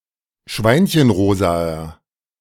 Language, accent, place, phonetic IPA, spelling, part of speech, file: German, Germany, Berlin, [ˈʃvaɪ̯nçənˌʁoːzaɐ], schweinchenrosaer, adjective, De-schweinchenrosaer.ogg
- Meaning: inflection of schweinchenrosa: 1. strong/mixed nominative masculine singular 2. strong genitive/dative feminine singular 3. strong genitive plural